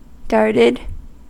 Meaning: simple past and past participle of dart
- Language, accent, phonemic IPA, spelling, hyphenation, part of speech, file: English, US, /ˈdɑɹtɪd/, darted, dart‧ed, verb, En-us-darted.ogg